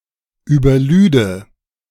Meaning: first/third-person singular subjunctive II of überladen
- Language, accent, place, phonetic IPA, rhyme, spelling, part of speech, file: German, Germany, Berlin, [yːbɐˈlyːdə], -yːdə, überlüde, verb, De-überlüde.ogg